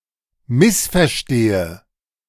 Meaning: inflection of missverstehen: 1. first-person singular present 2. first/third-person singular subjunctive I 3. singular imperative
- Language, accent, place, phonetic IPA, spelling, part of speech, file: German, Germany, Berlin, [ˈmɪsfɛɐ̯ˌʃteːə], missverstehe, verb, De-missverstehe.ogg